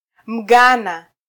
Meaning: Ghanaian
- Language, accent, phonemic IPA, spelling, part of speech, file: Swahili, Kenya, /m̩ˈɠɑ.nɑ/, Mghana, noun, Sw-ke-Mghana.flac